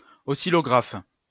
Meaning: oscillograph
- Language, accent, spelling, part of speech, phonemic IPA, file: French, France, oscillographe, noun, /ɔ.si.lɔ.ɡʁaf/, LL-Q150 (fra)-oscillographe.wav